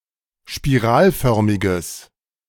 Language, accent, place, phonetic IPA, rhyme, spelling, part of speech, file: German, Germany, Berlin, [ʃpiˈʁaːlˌfœʁmɪɡəs], -aːlfœʁmɪɡəs, spiralförmiges, adjective, De-spiralförmiges.ogg
- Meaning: strong/mixed nominative/accusative neuter singular of spiralförmig